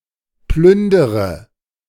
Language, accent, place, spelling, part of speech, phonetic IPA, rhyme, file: German, Germany, Berlin, plündere, verb, [ˈplʏndəʁə], -ʏndəʁə, De-plündere.ogg
- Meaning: inflection of plündern: 1. first-person singular present 2. first/third-person singular subjunctive I 3. singular imperative